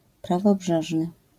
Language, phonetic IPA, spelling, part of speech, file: Polish, [ˌpravɔˈbʒɛʒnɨ], prawobrzeżny, adjective, LL-Q809 (pol)-prawobrzeżny.wav